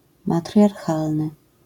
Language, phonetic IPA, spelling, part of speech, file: Polish, [ˌmatrʲjarˈxalnɨ], matriarchalny, adjective, LL-Q809 (pol)-matriarchalny.wav